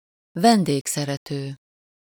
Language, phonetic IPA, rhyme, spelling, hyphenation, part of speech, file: Hungarian, [ˈvɛndeːksɛrɛtøː], -tøː, vendégszerető, ven‧dég‧sze‧re‧tő, adjective, Hu-vendégszerető.ogg
- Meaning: hospitable (welcoming and generous towards guests)